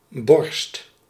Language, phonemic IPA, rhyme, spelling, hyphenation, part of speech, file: Dutch, /bɔrst/, -ɔrst, borst, borst, noun / verb, Nl-borst.ogg
- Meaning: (noun) 1. chest, thorax 2. breast; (verb) inflection of borsten: 1. first/second/third-person singular present indicative 2. imperative